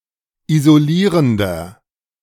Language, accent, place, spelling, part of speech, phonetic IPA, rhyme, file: German, Germany, Berlin, isolierender, adjective, [izoˈliːʁəndɐ], -iːʁəndɐ, De-isolierender.ogg
- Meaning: inflection of isolierend: 1. strong/mixed nominative masculine singular 2. strong genitive/dative feminine singular 3. strong genitive plural